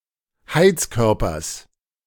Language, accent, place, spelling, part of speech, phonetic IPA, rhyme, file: German, Germany, Berlin, Heizkörpers, noun, [ˈhaɪ̯t͡sˌkœʁpɐs], -aɪ̯t͡skœʁpɐs, De-Heizkörpers.ogg
- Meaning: genitive singular of Heizkörper